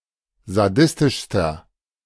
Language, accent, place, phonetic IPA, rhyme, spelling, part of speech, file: German, Germany, Berlin, [zaˈdɪstɪʃstɐ], -ɪstɪʃstɐ, sadistischster, adjective, De-sadistischster.ogg
- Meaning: inflection of sadistisch: 1. strong/mixed nominative masculine singular superlative degree 2. strong genitive/dative feminine singular superlative degree 3. strong genitive plural superlative degree